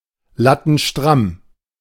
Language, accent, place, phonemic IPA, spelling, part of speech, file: German, Germany, Berlin, /ˌlatn̩ˈʃtʁam/, lattenstramm, adjective, De-lattenstramm.ogg
- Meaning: very drunk